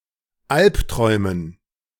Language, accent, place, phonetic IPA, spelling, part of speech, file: German, Germany, Berlin, [ˈalpˌtʁɔɪ̯mən], Albträumen, noun, De-Albträumen.ogg
- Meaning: dative plural of Albtraum